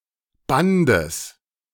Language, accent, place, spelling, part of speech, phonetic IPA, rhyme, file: German, Germany, Berlin, Bandes, noun, [ˈbandəs], -andəs, De-Bandes.ogg
- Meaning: genitive singular of Band